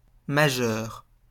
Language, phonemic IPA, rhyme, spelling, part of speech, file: French, /ma.ʒœʁ/, -œʁ, majeur, adjective / noun, LL-Q150 (fra)-majeur.wav
- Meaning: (adjective) 1. greater, larger, more important 2. of great importance, main, major, principal, greatest